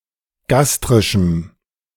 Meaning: strong dative masculine/neuter singular of gastrisch
- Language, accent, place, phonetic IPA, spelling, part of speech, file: German, Germany, Berlin, [ˈɡastʁɪʃm̩], gastrischem, adjective, De-gastrischem.ogg